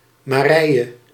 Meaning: a female given name
- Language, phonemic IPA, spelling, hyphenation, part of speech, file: Dutch, /ˌmaːˈrɛi̯ə/, Marije, Ma‧rije, proper noun, Nl-Marije.ogg